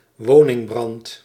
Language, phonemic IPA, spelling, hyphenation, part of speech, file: Dutch, /ˈʋoː.nɪŋˌbrɑnt/, woningbrand, wo‧ning‧brand, noun, Nl-woningbrand.ogg
- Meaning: residential fire, housefire (disastrous fire in a residence)